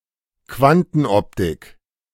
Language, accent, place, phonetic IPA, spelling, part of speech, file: German, Germany, Berlin, [ˈkvantn̩ˌʔɔptɪk], Quantenoptik, noun, De-Quantenoptik.ogg
- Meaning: quantum optics